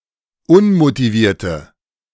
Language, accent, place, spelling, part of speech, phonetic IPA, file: German, Germany, Berlin, unmotivierte, adjective, [ˈʊnmotiˌviːɐ̯tə], De-unmotivierte.ogg
- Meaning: inflection of unmotiviert: 1. strong/mixed nominative/accusative feminine singular 2. strong nominative/accusative plural 3. weak nominative all-gender singular